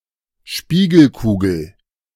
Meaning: mirror ball
- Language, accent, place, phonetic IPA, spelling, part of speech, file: German, Germany, Berlin, [ˈʃpiːɡl̩ˌkuːɡl̩], Spiegelkugel, noun, De-Spiegelkugel.ogg